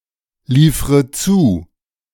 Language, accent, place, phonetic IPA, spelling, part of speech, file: German, Germany, Berlin, [ˌliːfʁə ˈt͡suː], liefre zu, verb, De-liefre zu.ogg
- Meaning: inflection of zuliefern: 1. first-person singular present 2. first/third-person singular subjunctive I 3. singular imperative